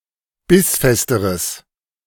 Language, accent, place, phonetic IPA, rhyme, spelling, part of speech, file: German, Germany, Berlin, [ˈbɪsˌfɛstəʁəs], -ɪsfɛstəʁəs, bissfesteres, adjective, De-bissfesteres.ogg
- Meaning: strong/mixed nominative/accusative neuter singular comparative degree of bissfest